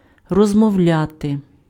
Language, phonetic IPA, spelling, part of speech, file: Ukrainian, [rɔzmɔu̯ˈlʲate], розмовляти, verb, Uk-розмовляти.ogg
- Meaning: to talk, to speak, to converse, to chat